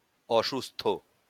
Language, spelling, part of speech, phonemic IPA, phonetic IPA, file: Bengali, অসুস্থ, adjective, /ɔʃust̪ʰo/, [ˈɔʃust̪ʰoˑ], LL-Q9610 (ben)-অসুস্থ.wav
- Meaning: unwell, sick